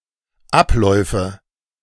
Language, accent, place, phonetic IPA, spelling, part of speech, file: German, Germany, Berlin, [ˈapˌlɔɪ̯fə], Abläufe, noun, De-Abläufe.ogg
- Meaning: nominative/accusative/genitive plural of Ablauf